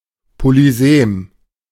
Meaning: polysemous
- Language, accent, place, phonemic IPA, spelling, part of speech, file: German, Germany, Berlin, /polyˈzeːm/, polysem, adjective, De-polysem.ogg